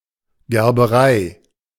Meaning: tannery
- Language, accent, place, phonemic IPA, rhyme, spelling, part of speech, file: German, Germany, Berlin, /ɡɛʁbəˈʁaɪ̯/, -aɪ̯, Gerberei, noun, De-Gerberei.ogg